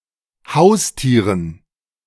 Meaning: dative plural of Haustier
- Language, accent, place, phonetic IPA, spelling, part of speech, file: German, Germany, Berlin, [ˈhaʊ̯sˌtiːʁən], Haustieren, noun, De-Haustieren.ogg